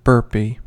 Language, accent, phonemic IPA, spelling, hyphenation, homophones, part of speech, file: English, US, /ˈbɝpi/, burpee, bur‧pee, burpy, noun, En-us-burpee.ogg
- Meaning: A physical exercise performed by bending over, performing a squat thrust, returning to a standing position, and jumping once